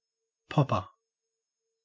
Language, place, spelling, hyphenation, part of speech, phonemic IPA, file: English, Queensland, popper, pop‧per, noun, /ˈpɔp.ə/, En-au-popper.ogg
- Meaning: 1. One who or that which pops 2. A short piece of twisted string tied to the end of a whip that creates the distinctive sound when the whip is thrown or cracked